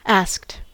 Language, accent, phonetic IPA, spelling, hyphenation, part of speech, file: English, US, [ˈæsk̚t], asked, asked, verb / adjective, En-us-asked.ogg
- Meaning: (verb) simple past and past participle of ask; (adjective) Arsed (bothered; willing to make an effort)